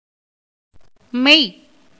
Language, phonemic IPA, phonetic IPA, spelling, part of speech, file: Tamil, /mɛj/, [me̞j], மெய், noun / verb, Ta-மெய்.ogg
- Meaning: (noun) 1. truth, reality, fact 2. consciousness, soul 3. body 4. consonant; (verb) to be true, or faithful; to hold the truth